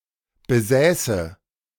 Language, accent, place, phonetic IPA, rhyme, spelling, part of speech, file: German, Germany, Berlin, [bəˈzɛːsə], -ɛːsə, besäße, verb, De-besäße.ogg
- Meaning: first/third-person singular subjunctive II of besitzen